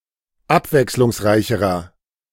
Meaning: inflection of abwechslungsreich: 1. strong/mixed nominative masculine singular comparative degree 2. strong genitive/dative feminine singular comparative degree
- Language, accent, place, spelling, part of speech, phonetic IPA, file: German, Germany, Berlin, abwechslungsreicherer, adjective, [ˈapvɛkslʊŋsˌʁaɪ̯çəʁɐ], De-abwechslungsreicherer.ogg